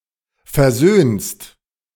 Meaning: second-person singular present of versöhnen
- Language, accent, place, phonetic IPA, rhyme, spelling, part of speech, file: German, Germany, Berlin, [fɛɐ̯ˈzøːnst], -øːnst, versöhnst, verb, De-versöhnst.ogg